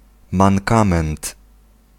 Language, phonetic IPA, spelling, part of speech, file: Polish, [mãŋˈkãmɛ̃nt], mankament, noun, Pl-mankament.ogg